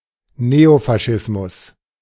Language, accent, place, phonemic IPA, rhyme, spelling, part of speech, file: German, Germany, Berlin, /ˈneofaˌʃɪsmʊs/, -ɪsmʊs, Neofaschismus, noun, De-Neofaschismus.ogg
- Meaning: neofascism